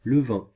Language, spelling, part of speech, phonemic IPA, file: French, levain, noun, /lə.vɛ̃/, Fr-levain.ogg
- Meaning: 1. sourdough 2. leaven (any agent used to make dough rise)